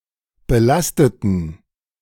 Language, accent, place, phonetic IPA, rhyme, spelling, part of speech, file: German, Germany, Berlin, [bəˈlastətn̩], -astətn̩, belasteten, adjective / verb, De-belasteten.ogg
- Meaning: inflection of belasten: 1. first/third-person plural preterite 2. first/third-person plural subjunctive II